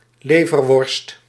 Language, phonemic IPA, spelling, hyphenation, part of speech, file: Dutch, /ˈleː.vərˌʋɔrst/, leverworst, le‧ver‧worst, noun, Nl-leverworst.ogg
- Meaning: liverwurst, a liver sausage